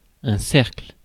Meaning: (noun) 1. circle 2. group of people, circle; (verb) inflection of cercler: 1. first/third-person singular present indicative/subjunctive 2. second-person singular imperative
- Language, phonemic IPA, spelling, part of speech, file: French, /sɛʁkl/, cercle, noun / verb, Fr-cercle.ogg